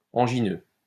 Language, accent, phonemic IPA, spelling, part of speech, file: French, France, /ɑ̃.ʒi.nø/, angineux, adjective, LL-Q150 (fra)-angineux.wav
- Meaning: anginal